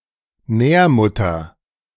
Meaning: nominative/accusative/genitive plural of Nährmutter
- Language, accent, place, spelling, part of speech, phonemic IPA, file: German, Germany, Berlin, Nährmütter, noun, /ˈnɛːɐ̯ˌmʏtɐ/, De-Nährmütter.ogg